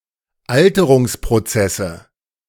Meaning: nominative/accusative/genitive plural of Alterungsprozess
- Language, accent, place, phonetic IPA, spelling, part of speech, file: German, Germany, Berlin, [ˈaltəʁʊŋspʁoˌt͡sɛsə], Alterungsprozesse, noun, De-Alterungsprozesse.ogg